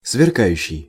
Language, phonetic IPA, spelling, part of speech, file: Russian, [svʲɪrˈkajʉɕːɪj], сверкающий, verb / adjective, Ru-сверкающий.ogg
- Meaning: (verb) present active imperfective participle of сверка́ть (sverkátʹ); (adjective) ablaze (on fire)